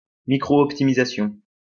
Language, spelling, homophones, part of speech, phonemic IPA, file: French, optimisation, optimisations, noun, /ɔp.ti.mi.za.sjɔ̃/, LL-Q150 (fra)-optimisation.wav
- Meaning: optimization